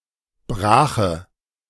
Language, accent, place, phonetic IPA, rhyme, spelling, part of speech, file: German, Germany, Berlin, [ˈbʁaːxə], -aːxə, brache, adjective, De-brache.ogg
- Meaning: inflection of brach: 1. strong/mixed nominative/accusative feminine singular 2. strong nominative/accusative plural 3. weak nominative all-gender singular 4. weak accusative feminine/neuter singular